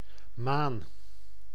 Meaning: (noun) 1. moon 2. mane; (verb) inflection of manen: 1. first-person singular present indicative 2. second-person singular present indicative 3. imperative
- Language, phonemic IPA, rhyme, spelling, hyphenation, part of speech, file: Dutch, /maːn/, -aːn, maan, maan, noun / verb, Nl-maan.ogg